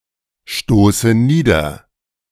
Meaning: inflection of niederstoßen: 1. first-person singular present 2. first/third-person singular subjunctive I 3. singular imperative
- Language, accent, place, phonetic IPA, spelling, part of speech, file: German, Germany, Berlin, [ˌʃtoːsə ˈniːdɐ], stoße nieder, verb, De-stoße nieder.ogg